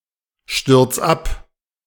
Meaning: 1. singular imperative of abstürzen 2. first-person singular present of abstürzen
- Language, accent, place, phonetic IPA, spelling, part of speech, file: German, Germany, Berlin, [ˌʃtʏʁt͡s ˈap], stürz ab, verb, De-stürz ab.ogg